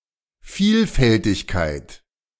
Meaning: diversity
- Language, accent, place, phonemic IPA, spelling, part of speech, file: German, Germany, Berlin, /ˈfiːlfɛltɪçkaɪ̯t/, Vielfältigkeit, noun, De-Vielfältigkeit.ogg